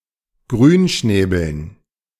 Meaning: dative plural of Grünschnabel
- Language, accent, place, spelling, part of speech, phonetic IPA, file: German, Germany, Berlin, Grünschnäbeln, noun, [ˈɡʁyːnˌʃnɛːbl̩n], De-Grünschnäbeln.ogg